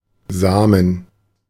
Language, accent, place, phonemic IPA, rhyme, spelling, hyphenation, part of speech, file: German, Germany, Berlin, /ˈzaːmən/, -aːmən, Samen, Sa‧men, noun, De-Samen.ogg
- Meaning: 1. seed, grain 2. semen, sperm 3. offspring 4. inflection of Same (“Sami person”) 5. inflection of Same (“Sami person”): genitive/dative/accusative singular